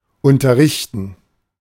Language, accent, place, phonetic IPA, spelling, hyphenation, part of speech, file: German, Germany, Berlin, [ˌʊntɐˈʁɪçtn̩], unterrichten, un‧ter‧rich‧ten, verb, De-unterrichten.ogg
- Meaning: 1. to teach, to school 2. to inform